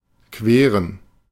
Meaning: to cross
- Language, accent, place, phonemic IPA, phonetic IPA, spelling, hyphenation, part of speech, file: German, Germany, Berlin, /ˈkveːʁən/, [ˈkʰveːɐ̯n], queren, que‧ren, verb, De-queren.ogg